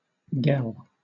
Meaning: A girl
- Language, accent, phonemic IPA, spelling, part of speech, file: English, Southern England, /ɡɛl/, gel, noun, LL-Q1860 (eng)-gel.wav